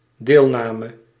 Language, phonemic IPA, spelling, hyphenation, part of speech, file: Dutch, /ˈdeːlˌnaː.mə/, deelname, deel‧na‧me, noun / verb, Nl-deelname.ogg
- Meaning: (noun) participation; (verb) singular dependent-clause past subjunctive of deelnemen